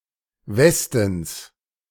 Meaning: genitive singular of Westen
- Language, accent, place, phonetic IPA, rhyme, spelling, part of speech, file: German, Germany, Berlin, [ˈvɛstn̩s], -ɛstn̩s, Westens, noun, De-Westens.ogg